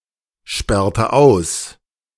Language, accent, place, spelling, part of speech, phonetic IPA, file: German, Germany, Berlin, sperrte aus, verb, [ˌʃpɛʁtə ˈaʊ̯s], De-sperrte aus.ogg
- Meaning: inflection of aussperren: 1. first/third-person singular preterite 2. first/third-person singular subjunctive II